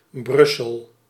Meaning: 1. Brussels (the capital city of Belgium) 2. any of the above legal entities decreeing from Brussels
- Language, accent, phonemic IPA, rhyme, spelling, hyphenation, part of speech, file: Dutch, Belgium, /ˈbrʏ.səl/, -ʏsəl, Brussel, Brus‧sel, proper noun, Nl-Brussel.ogg